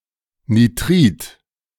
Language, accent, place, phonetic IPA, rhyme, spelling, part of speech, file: German, Germany, Berlin, [niˈtʁiːt], -iːt, Nitrid, noun, De-Nitrid.ogg
- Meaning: nitride